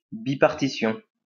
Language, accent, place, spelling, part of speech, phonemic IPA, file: French, France, Lyon, bipartition, noun, /bi.paʁ.ti.sjɔ̃/, LL-Q150 (fra)-bipartition.wav
- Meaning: bipartition (sharing in two)